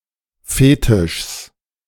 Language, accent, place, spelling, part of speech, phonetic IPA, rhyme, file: German, Germany, Berlin, Fetischs, noun, [ˈfeːtɪʃs], -eːtɪʃs, De-Fetischs.ogg
- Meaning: genitive singular of Fetisch